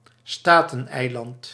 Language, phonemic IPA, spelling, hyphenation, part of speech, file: Dutch, /ˈstaː.tə(n)ˌɛi̯.lɑnt/, Stateneiland, Sta‧ten‧ei‧land, proper noun, Nl-Stateneiland.ogg
- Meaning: 1. Isla de los Estados 2. Staten Island